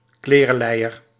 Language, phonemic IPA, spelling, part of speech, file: Dutch, /ˈklerəˌlɛijər/, klerelijer, noun, Nl-klerelijer.ogg
- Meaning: motherfucker